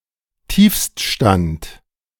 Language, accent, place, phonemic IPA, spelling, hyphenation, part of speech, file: German, Germany, Berlin, /ˈtiːfstˌʃtant/, Tiefststand, Tiefst‧stand, noun, De-Tiefststand.ogg
- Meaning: low, bottom, nadir